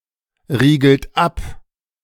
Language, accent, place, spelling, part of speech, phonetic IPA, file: German, Germany, Berlin, riegelt ab, verb, [ˌʁiːɡl̩t ˈap], De-riegelt ab.ogg
- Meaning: inflection of abriegeln: 1. second-person plural present 2. third-person singular present 3. plural imperative